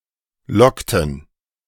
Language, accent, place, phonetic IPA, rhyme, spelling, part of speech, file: German, Germany, Berlin, [ˈlɔktn̩], -ɔktn̩, lockten, verb, De-lockten.ogg
- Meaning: inflection of locken: 1. first/third-person plural preterite 2. first/third-person plural subjunctive II